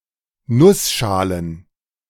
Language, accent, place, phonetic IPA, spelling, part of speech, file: German, Germany, Berlin, [ˈnʊsˌʃaːlən], Nussschalen, noun, De-Nussschalen.ogg
- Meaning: plural of Nussschale